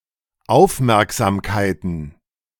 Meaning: plural of Aufmerksamkeit
- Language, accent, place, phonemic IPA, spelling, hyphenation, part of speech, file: German, Germany, Berlin, /ˈaʊ̯fˌmɛʁkzaːmkaɪ̯tən/, Aufmerksamkeiten, Auf‧merk‧sam‧kei‧ten, noun, De-Aufmerksamkeiten.ogg